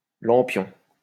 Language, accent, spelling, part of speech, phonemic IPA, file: French, France, lampion, noun, /lɑ̃.pjɔ̃/, LL-Q150 (fra)-lampion.wav
- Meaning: Chinese lantern